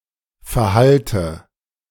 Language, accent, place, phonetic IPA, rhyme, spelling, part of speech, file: German, Germany, Berlin, [fɛɐ̯ˈhaltə], -altə, verhalte, verb, De-verhalte.ogg
- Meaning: inflection of verhalten: 1. first-person singular present 2. first/third-person singular subjunctive I 3. singular imperative